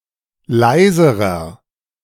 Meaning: inflection of leise: 1. strong/mixed nominative masculine singular comparative degree 2. strong genitive/dative feminine singular comparative degree 3. strong genitive plural comparative degree
- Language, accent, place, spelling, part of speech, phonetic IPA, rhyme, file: German, Germany, Berlin, leiserer, adjective, [ˈlaɪ̯zəʁɐ], -aɪ̯zəʁɐ, De-leiserer.ogg